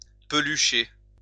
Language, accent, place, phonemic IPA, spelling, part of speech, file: French, France, Lyon, /pə.ly.ʃe/, pelucher, verb, LL-Q150 (fra)-pelucher.wav
- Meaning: to fluff up, become fluffy